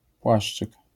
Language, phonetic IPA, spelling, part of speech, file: Polish, [ˈpwaʃt͡ʃɨk], płaszczyk, noun, LL-Q809 (pol)-płaszczyk.wav